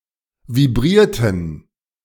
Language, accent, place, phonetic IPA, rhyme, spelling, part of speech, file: German, Germany, Berlin, [viˈbʁiːɐ̯tn̩], -iːɐ̯tn̩, vibrierten, verb, De-vibrierten.ogg
- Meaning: inflection of vibrieren: 1. first/third-person plural preterite 2. first/third-person plural subjunctive II